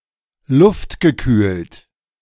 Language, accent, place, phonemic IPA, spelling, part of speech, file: German, Germany, Berlin, /ˈlʊftɡəˌkyːlt/, luftgekühlt, adjective, De-luftgekühlt.ogg
- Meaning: air-cooled